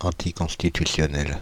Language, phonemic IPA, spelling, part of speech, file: French, /ɑ̃.ti.kɔ̃s.ti.ty.sjɔ.nɛl/, anticonstitutionnel, adjective, Fr-anticonstitutionnel.ogg
- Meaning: unconstitutional (contrary to the constitution)